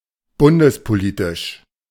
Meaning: federal policy
- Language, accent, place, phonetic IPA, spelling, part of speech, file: German, Germany, Berlin, [ˈbʊndəspoˌliːtɪʃ], bundespolitisch, adjective, De-bundespolitisch.ogg